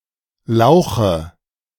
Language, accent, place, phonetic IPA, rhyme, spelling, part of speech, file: German, Germany, Berlin, [ˈlaʊ̯xə], -aʊ̯xə, Lauche, noun, De-Lauche.ogg
- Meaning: nominative/accusative/genitive plural of Lauch